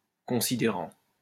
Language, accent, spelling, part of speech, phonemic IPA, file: French, France, considérant, verb, /kɔ̃.si.de.ʁɑ̃/, LL-Q150 (fra)-considérant.wav
- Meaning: present participle of considérer